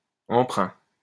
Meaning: 1. loan 2. loan, borrowing
- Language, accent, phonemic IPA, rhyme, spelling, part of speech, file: French, France, /ɑ̃.pʁœ̃/, -œ̃, emprunt, noun, LL-Q150 (fra)-emprunt.wav